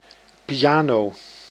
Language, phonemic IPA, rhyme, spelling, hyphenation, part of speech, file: Dutch, /piˈaːnoː/, -aːnoː, piano, pi‧a‧no, noun, Nl-piano.ogg
- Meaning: piano